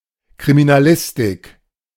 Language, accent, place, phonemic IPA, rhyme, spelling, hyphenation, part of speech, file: German, Germany, Berlin, /kʁiminaˈlɪstɪk/, -ɪstɪk, Kriminalistik, Kri‧mi‧na‧lis‧tik, noun, De-Kriminalistik.ogg
- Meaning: criminalistics